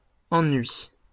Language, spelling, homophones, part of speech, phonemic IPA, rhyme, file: French, ennuis, ennui, noun, /ɑ̃.nɥi/, -ɥi, LL-Q150 (fra)-ennuis.wav
- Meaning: plural of ennui